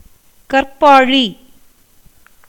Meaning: a cave cut into a rock, a cavern in a rock
- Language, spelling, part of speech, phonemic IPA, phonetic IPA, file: Tamil, கற்பாழி, noun, /kɐrpɑːɻiː/, [kɐrpäːɻiː], Ta-கற்பாழி.ogg